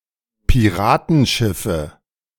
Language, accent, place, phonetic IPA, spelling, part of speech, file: German, Germany, Berlin, [piˈʁaːtn̩ˌʃɪfə], Piratenschiffe, noun, De-Piratenschiffe.ogg
- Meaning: nominative/accusative/genitive plural of Piratenschiff